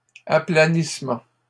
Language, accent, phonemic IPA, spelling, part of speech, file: French, Canada, /a.pla.nis.mɑ̃/, aplanissement, noun, LL-Q150 (fra)-aplanissement.wav
- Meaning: leveling